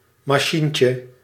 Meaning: diminutive of machine
- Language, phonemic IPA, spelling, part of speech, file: Dutch, /mɑˈʃiɲcə/, machientje, noun, Nl-machientje.ogg